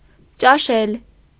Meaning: to dine, to have dinner
- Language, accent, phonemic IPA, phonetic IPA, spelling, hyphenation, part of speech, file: Armenian, Eastern Armenian, /t͡ʃɑˈʃel/, [t͡ʃɑʃél], ճաշել, ճա‧շել, verb, Hy-ճաշել.ogg